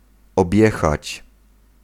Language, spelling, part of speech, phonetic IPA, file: Polish, objechać, verb, [ɔbʲˈjɛxat͡ɕ], Pl-objechać.ogg